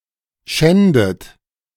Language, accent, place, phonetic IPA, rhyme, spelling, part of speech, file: German, Germany, Berlin, [ˈʃɛndət], -ɛndət, schändet, verb, De-schändet.ogg
- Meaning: inflection of schänden: 1. third-person singular present 2. second-person plural present 3. plural imperative 4. second-person plural subjunctive I